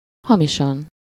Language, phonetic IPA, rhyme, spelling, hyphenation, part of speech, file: Hungarian, [ˈhɒmiʃɒn], -ɒn, hamisan, ha‧mi‧san, adverb, Hu-hamisan.ogg
- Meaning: 1. falsely 2. off-key, out of tune (not in the correct musical pitch)